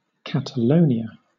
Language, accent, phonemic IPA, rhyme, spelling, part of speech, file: English, Southern England, /ˌkætəˈləʊniə/, -əʊniə, Catalonia, proper noun, LL-Q1860 (eng)-Catalonia.wav
- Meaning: An autonomous community in northeast Spain